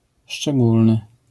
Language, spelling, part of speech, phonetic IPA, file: Polish, szczególny, adjective, [ʃt͡ʃɛˈɡulnɨ], LL-Q809 (pol)-szczególny.wav